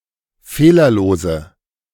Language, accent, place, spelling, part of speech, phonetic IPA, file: German, Germany, Berlin, fehlerlose, adjective, [ˈfeːlɐˌloːzə], De-fehlerlose.ogg
- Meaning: inflection of fehlerlos: 1. strong/mixed nominative/accusative feminine singular 2. strong nominative/accusative plural 3. weak nominative all-gender singular